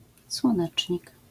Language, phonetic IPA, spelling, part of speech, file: Polish, [swɔ̃ˈnɛt͡ʃʲɲik], słonecznik, noun, LL-Q809 (pol)-słonecznik.wav